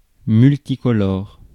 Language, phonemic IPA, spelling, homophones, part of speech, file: French, /myl.ti.kɔ.lɔʁ/, multicolore, multicolores, adjective, Fr-multicolore.ogg
- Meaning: multicoloured